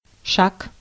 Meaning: 1. step 2. move, step, action, initiative 3. pace, gait, stride (manner/way of walking) 4. walking, a walk (a gait where at least one foot is always in contact with the ground)
- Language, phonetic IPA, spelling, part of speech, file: Russian, [ʂak], шаг, noun, Ru-шаг.ogg